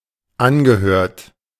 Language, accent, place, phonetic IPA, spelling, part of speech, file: German, Germany, Berlin, [ˈanɡəˌhøːɐ̯t], angehört, verb, De-angehört.ogg
- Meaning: past participle of anhören